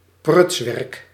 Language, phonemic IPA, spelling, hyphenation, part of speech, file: Dutch, /ˈprʏts.ʋɛrk/, prutswerk, pruts‧werk, noun, Nl-prutswerk.ogg
- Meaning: the act or result of messing around; a bungle, a poor job, a messed-up result